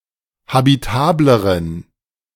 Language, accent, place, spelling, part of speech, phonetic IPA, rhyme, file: German, Germany, Berlin, habitableren, adjective, [habiˈtaːbləʁən], -aːbləʁən, De-habitableren.ogg
- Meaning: inflection of habitabel: 1. strong genitive masculine/neuter singular comparative degree 2. weak/mixed genitive/dative all-gender singular comparative degree